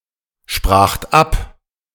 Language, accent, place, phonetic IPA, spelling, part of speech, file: German, Germany, Berlin, [ˌʃpʁaːxt ˈap], spracht ab, verb, De-spracht ab.ogg
- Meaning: second-person plural preterite of absprechen